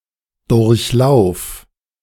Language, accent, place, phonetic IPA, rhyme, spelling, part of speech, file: German, Germany, Berlin, [ˌdʊʁçˈlaʊ̯f], -aʊ̯f, durchlauf, verb, De-durchlauf.ogg
- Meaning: singular imperative of durchlaufen